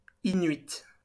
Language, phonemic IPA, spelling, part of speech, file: French, /i.nɥit/, inuits, adjective, LL-Q150 (fra)-inuits.wav
- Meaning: masculine plural of inuit